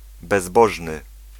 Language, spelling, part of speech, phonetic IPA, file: Polish, bezbożny, adjective, [bɛzˈbɔʒnɨ], Pl-bezbożny.ogg